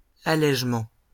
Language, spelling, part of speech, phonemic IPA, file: French, allègements, noun, /a.lɛʒ.mɑ̃/, LL-Q150 (fra)-allègements.wav
- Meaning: plural of allègement